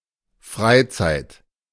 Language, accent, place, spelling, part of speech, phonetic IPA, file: German, Germany, Berlin, Freizeit, noun, [ˈfʁaɪ̯ˌt͡saɪ̯t], De-Freizeit.ogg
- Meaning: free time, leisure time, spare time. The time during which one is not working